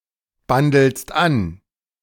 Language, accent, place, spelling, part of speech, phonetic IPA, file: German, Germany, Berlin, bandelst an, verb, [ˌbandl̩st ˈan], De-bandelst an.ogg
- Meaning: second-person singular present of anbandeln